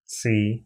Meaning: qi, the fundamental life-force or energy
- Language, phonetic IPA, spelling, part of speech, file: Russian, [t͡sɨ], ци, noun, Ru-ци.ogg